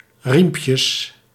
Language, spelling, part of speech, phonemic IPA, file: Dutch, riempjes, noun, /ˈrimpjəs/, Nl-riempjes.ogg
- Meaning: plural of riempje